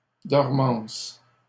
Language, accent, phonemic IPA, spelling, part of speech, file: French, Canada, /dɔʁ.mɑ̃s/, dormances, noun, LL-Q150 (fra)-dormances.wav
- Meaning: plural of dormance